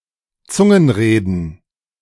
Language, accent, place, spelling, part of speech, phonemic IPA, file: German, Germany, Berlin, Zungenreden, noun, /ˈtsʊŋn̩ʁeːdn̩/, De-Zungenreden.ogg
- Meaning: glossolalia (speaking in tongues)